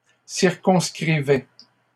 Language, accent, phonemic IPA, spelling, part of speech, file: French, Canada, /siʁ.kɔ̃s.kʁi.vɛ/, circonscrivais, verb, LL-Q150 (fra)-circonscrivais.wav
- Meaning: first/second-person singular imperfect indicative of circonscrire